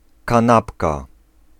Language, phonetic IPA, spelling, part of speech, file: Polish, [kãˈnapka], kanapka, noun, Pl-kanapka.ogg